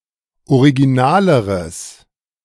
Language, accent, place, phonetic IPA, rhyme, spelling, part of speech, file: German, Germany, Berlin, [oʁiɡiˈnaːləʁəs], -aːləʁəs, originaleres, adjective, De-originaleres.ogg
- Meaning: strong/mixed nominative/accusative neuter singular comparative degree of original